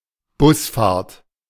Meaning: 1. bus ride 2. coach journey
- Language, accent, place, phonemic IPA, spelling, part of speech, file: German, Germany, Berlin, /ˈbʊsfaːɐ̯t/, Busfahrt, noun, De-Busfahrt.ogg